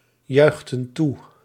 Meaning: inflection of toejuichen: 1. plural past indicative 2. plural past subjunctive
- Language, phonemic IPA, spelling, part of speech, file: Dutch, /ˈjœyxtə(n) ˈtu/, juichten toe, verb, Nl-juichten toe.ogg